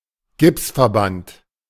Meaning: cast
- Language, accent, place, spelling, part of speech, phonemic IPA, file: German, Germany, Berlin, Gipsverband, noun, /ˈɡɪpsfɛɐ̯ˌbant/, De-Gipsverband.ogg